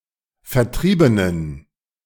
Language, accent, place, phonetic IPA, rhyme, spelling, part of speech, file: German, Germany, Berlin, [fɛɐ̯ˈtʁiːbənən], -iːbənən, vertriebenen, adjective, De-vertriebenen.ogg
- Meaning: inflection of vertrieben: 1. strong genitive masculine/neuter singular 2. weak/mixed genitive/dative all-gender singular 3. strong/weak/mixed accusative masculine singular 4. strong dative plural